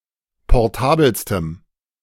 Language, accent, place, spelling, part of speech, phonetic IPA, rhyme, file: German, Germany, Berlin, portabelstem, adjective, [pɔʁˈtaːbl̩stəm], -aːbl̩stəm, De-portabelstem.ogg
- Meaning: strong dative masculine/neuter singular superlative degree of portabel